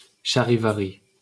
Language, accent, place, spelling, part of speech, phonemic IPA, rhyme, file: French, France, Paris, charivari, noun, /ʃa.ʁi.va.ʁi/, -i, LL-Q150 (fra)-charivari.wav
- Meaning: 1. charivari, shivaree (mock serenade of discordant noise, notably to heckle a publicly reviled figure) 2. racket, banging in general, rumpus